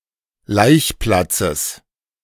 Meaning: genitive singular of Laichplatz
- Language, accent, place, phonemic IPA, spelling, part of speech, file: German, Germany, Berlin, /ˈlaɪ̯çˌplat͡səs/, Laichplatzes, noun, De-Laichplatzes.ogg